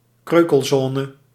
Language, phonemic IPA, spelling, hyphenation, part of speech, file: Dutch, /ˈkrøː.kəlˌzɔː.nə/, kreukelzone, kreu‧kel‧zo‧ne, noun, Nl-kreukelzone.ogg
- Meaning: crumple zone